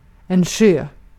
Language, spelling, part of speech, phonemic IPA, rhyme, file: Swedish, sjö, noun, /ɧøː/, -øː, Sv-sjö.ogg
- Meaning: 1. a lake 2. the sea and lakes collectively (sometimes also including watercourses, etc., by extension), especially the sea; sea, water, lake, etc 3. a big wave 4. synonym of sjögång 5. a sea